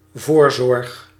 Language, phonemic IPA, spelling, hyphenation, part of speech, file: Dutch, /ˈvoːr.zɔrx/, voorzorg, voor‧zorg, noun, Nl-voorzorg.ogg
- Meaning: precaution